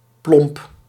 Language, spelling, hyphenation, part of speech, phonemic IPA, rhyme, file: Dutch, plomp, plomp, adjective / noun / interjection, /plɔmp/, -ɔmp, Nl-plomp.ogg
- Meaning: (adjective) 1. clumsy, oafish 2. blunt, coarse; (noun) name of various aquatic plant species of water lily family